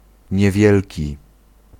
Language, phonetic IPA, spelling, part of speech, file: Polish, [ɲɛˈvʲjɛlʲci], niewielki, adjective, Pl-niewielki.ogg